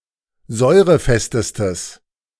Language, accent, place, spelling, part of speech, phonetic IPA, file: German, Germany, Berlin, säurefestestes, adjective, [ˈzɔɪ̯ʁəˌfɛstəstəs], De-säurefestestes.ogg
- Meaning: strong/mixed nominative/accusative neuter singular superlative degree of säurefest